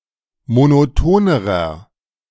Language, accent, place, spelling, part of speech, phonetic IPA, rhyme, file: German, Germany, Berlin, monotonerer, adjective, [monoˈtoːnəʁɐ], -oːnəʁɐ, De-monotonerer.ogg
- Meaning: inflection of monoton: 1. strong/mixed nominative masculine singular comparative degree 2. strong genitive/dative feminine singular comparative degree 3. strong genitive plural comparative degree